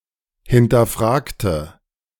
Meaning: inflection of hinterfragen: 1. first/third-person singular preterite 2. first/third-person singular subjunctive II
- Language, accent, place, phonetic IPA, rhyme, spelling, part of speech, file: German, Germany, Berlin, [hɪntɐˈfʁaːktə], -aːktə, hinterfragte, adjective / verb, De-hinterfragte.ogg